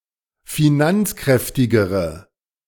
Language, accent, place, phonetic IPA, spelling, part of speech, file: German, Germany, Berlin, [fiˈnant͡sˌkʁɛftɪɡəʁə], finanzkräftigere, adjective, De-finanzkräftigere.ogg
- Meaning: inflection of finanzkräftig: 1. strong/mixed nominative/accusative feminine singular comparative degree 2. strong nominative/accusative plural comparative degree